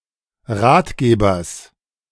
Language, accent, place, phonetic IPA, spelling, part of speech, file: German, Germany, Berlin, [ˈʁaːtˌɡeːbɐs], Ratgebers, noun, De-Ratgebers.ogg
- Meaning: genitive singular of Ratgeber